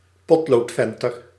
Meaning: 1. a male flasher, an exhibitionist who suddenly exposes his phallus 2. a pencil vendor
- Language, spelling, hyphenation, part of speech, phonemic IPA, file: Dutch, potloodventer, pot‧lood‧ven‧ter, noun, /ˈpɔt.loːtˌfɛn.tər/, Nl-potloodventer.ogg